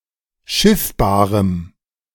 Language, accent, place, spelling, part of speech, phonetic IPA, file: German, Germany, Berlin, schiffbarem, adjective, [ˈʃɪfbaːʁəm], De-schiffbarem.ogg
- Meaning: strong dative masculine/neuter singular of schiffbar